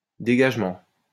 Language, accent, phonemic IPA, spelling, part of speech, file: French, France, /de.ɡaʒ.mɑ̃/, dégagement, noun, LL-Q150 (fra)-dégagement.wav
- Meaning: 1. clearance, clearing 2. emission (of gases) 3. disengagement (military) 4. freeing (of prisoners etc) 5. clearance